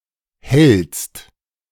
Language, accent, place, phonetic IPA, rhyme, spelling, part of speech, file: German, Germany, Berlin, [hɛlst], -ɛlst, hellst, verb, De-hellst.ogg
- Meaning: second-person singular present of hellen